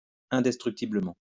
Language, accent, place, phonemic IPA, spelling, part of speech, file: French, France, Lyon, /ɛ̃.dɛs.tʁyk.ti.blə.mɑ̃/, indestructiblement, adverb, LL-Q150 (fra)-indestructiblement.wav
- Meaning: indestructibly